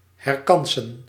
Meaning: to retry, to reattempt, to retake, to have another go at (a test, exam etc.)
- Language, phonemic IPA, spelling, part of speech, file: Dutch, /hɛrˈkɑnsə(n)/, herkansen, verb, Nl-herkansen.ogg